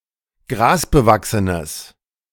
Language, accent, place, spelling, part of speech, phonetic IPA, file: German, Germany, Berlin, grasbewachsenes, adjective, [ˈɡʁaːsbəˌvaksənəs], De-grasbewachsenes.ogg
- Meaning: strong/mixed nominative/accusative neuter singular of grasbewachsen